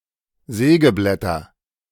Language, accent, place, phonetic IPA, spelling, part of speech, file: German, Germany, Berlin, [ˈzɛːɡəˌblɛtɐ], Sägeblätter, noun, De-Sägeblätter.ogg
- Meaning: nominative/accusative/genitive plural of Sägeblatt